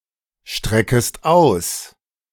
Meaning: second-person singular subjunctive I of ausstrecken
- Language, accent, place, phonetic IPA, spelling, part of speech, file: German, Germany, Berlin, [ˌʃtʁɛkəst ˈaʊ̯s], streckest aus, verb, De-streckest aus.ogg